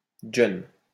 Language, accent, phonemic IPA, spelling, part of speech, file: French, France, /dʒœn/, djeune, noun, LL-Q150 (fra)-djeune.wav
- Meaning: alternative form of jeune (“youth, young person”)